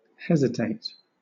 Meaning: 1. To stop or pause respecting decision or action; to be in suspense or uncertainty as to a determination 2. To stammer; to falter in speaking
- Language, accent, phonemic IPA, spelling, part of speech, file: English, Southern England, /ˈhɛz.ɪ.teɪt/, hesitate, verb, LL-Q1860 (eng)-hesitate.wav